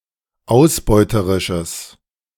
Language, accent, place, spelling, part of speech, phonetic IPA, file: German, Germany, Berlin, ausbeuterisches, adjective, [ˈaʊ̯sˌbɔɪ̯təʁɪʃəs], De-ausbeuterisches.ogg
- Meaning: strong/mixed nominative/accusative neuter singular of ausbeuterisch